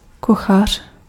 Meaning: cook, chef
- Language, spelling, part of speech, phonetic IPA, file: Czech, kuchař, noun, [ˈkuxar̝̊], Cs-kuchař.ogg